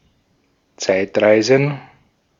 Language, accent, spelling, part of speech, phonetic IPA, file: German, Austria, Zeitreisen, noun, [ˈt͡saɪ̯tˌʁaɪ̯zn̩], De-at-Zeitreisen.ogg
- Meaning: plural of Zeitreise